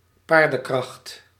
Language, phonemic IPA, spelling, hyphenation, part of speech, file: Dutch, /ˈpaːr.də(n)ˌkrɑxt/, paardenkracht, paar‧den‧kracht, noun, Nl-paardenkracht.ogg
- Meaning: horsepower